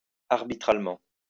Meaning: arbitrally
- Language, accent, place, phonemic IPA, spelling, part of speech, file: French, France, Lyon, /aʁ.bi.tʁal.mɑ̃/, arbitralement, adverb, LL-Q150 (fra)-arbitralement.wav